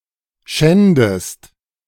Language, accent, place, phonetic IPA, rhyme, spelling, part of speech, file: German, Germany, Berlin, [ˈʃɛndəst], -ɛndəst, schändest, verb, De-schändest.ogg
- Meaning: inflection of schänden: 1. second-person singular present 2. second-person singular subjunctive I